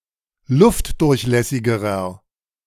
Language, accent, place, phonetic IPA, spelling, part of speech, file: German, Germany, Berlin, [ˈlʊftdʊʁçˌlɛsɪɡəʁɐ], luftdurchlässigerer, adjective, De-luftdurchlässigerer.ogg
- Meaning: inflection of luftdurchlässig: 1. strong/mixed nominative masculine singular comparative degree 2. strong genitive/dative feminine singular comparative degree